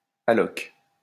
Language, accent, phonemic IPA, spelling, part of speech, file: French, France, /a.lɔk/, allocs, noun, LL-Q150 (fra)-allocs.wav
- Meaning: child benefit